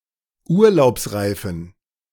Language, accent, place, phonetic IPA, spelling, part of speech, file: German, Germany, Berlin, [ˈuːɐ̯laʊ̯psˌʁaɪ̯fn̩], urlaubsreifen, adjective, De-urlaubsreifen.ogg
- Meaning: inflection of urlaubsreif: 1. strong genitive masculine/neuter singular 2. weak/mixed genitive/dative all-gender singular 3. strong/weak/mixed accusative masculine singular 4. strong dative plural